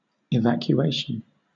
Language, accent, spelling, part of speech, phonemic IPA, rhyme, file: English, Southern England, evacuation, noun, /ɪˌvækjuˈeɪʃən/, -eɪʃən, LL-Q1860 (eng)-evacuation.wav
- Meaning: 1. The act of evacuating; leaving a place in an orderly fashion, especially for safety 2. Withdrawal of troops or civils from a town, country, fortress, etc